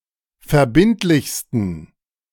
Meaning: 1. superlative degree of verbindlich 2. inflection of verbindlich: strong genitive masculine/neuter singular superlative degree
- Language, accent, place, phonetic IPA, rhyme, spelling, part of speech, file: German, Germany, Berlin, [fɛɐ̯ˈbɪntlɪçstn̩], -ɪntlɪçstn̩, verbindlichsten, adjective, De-verbindlichsten.ogg